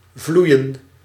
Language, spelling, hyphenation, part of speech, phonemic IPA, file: Dutch, vloeien, vloe‧ien, verb, /ˈvlui̯ə(n)/, Nl-vloeien.ogg
- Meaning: to flow (to move as a fluid)